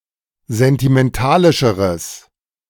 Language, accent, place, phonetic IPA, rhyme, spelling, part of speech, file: German, Germany, Berlin, [zɛntimɛnˈtaːlɪʃəʁəs], -aːlɪʃəʁəs, sentimentalischeres, adjective, De-sentimentalischeres.ogg
- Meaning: strong/mixed nominative/accusative neuter singular comparative degree of sentimentalisch